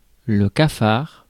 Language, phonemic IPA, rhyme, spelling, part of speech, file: French, /ka.faʁ/, -aʁ, cafard, noun, Fr-cafard.ogg
- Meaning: 1. hypocrite 2. tattletale, informant, rat 3. cockroach 4. depression, melancholy